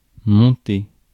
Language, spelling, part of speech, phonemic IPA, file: French, monter, verb, /mɔ̃.te/, Fr-monter.ogg
- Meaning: 1. to go up, to climb (go to a higher position) 2. to ascend, go higher, go uphill, go upstairs 3. to get on, get in (a vehicle)